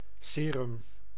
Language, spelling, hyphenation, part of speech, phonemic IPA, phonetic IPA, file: Dutch, serum, se‧rum, noun, /ˈseː.rʏm/, [ˈsɪː.rʏm], Nl-serum.ogg
- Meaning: blood serum